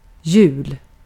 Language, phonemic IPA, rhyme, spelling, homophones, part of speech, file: Swedish, /jʉːl/, -ʉːl, jul, hjul, noun, Sv-jul.ogg
- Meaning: 1. Christmas, Yule 2. alternative form of jul.: abbreviation of juli (“July”)